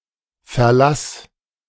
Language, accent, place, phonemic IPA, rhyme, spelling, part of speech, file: German, Germany, Berlin, /fɛɐ̯ˈlas/, -as, verlass, verb, De-verlass.ogg
- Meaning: singular imperative of verlassen